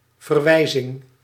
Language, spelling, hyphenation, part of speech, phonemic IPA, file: Dutch, verwijzing, ver‧wij‧zing, noun, /vərˈwɛizɪŋ/, Nl-verwijzing.ogg
- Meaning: 1. reference 2. link (hypertext) 3. referral